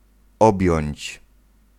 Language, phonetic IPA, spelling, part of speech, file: Polish, [ˈɔbʲjɔ̇̃ɲt͡ɕ], objąć, verb, Pl-objąć.ogg